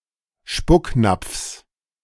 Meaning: genitive singular of Spucknapf
- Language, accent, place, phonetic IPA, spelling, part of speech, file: German, Germany, Berlin, [ˈʃpʊkˌnap͡fs], Spucknapfs, noun, De-Spucknapfs.ogg